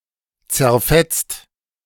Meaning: 1. past participle of zerfetzen 2. inflection of zerfetzen: second-person singular/plural present 3. inflection of zerfetzen: third-person singular present
- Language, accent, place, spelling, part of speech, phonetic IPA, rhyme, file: German, Germany, Berlin, zerfetzt, verb, [t͡sɛɐ̯ˈfɛt͡st], -ɛt͡st, De-zerfetzt.ogg